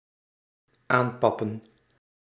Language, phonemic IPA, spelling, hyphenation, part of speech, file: Dutch, /ˈaːmˌpɑpə(n)/, aanpappen, aan‧pap‧pen, verb, Nl-aanpappen.ogg
- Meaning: to make conversation, to start a conversation, to get in touch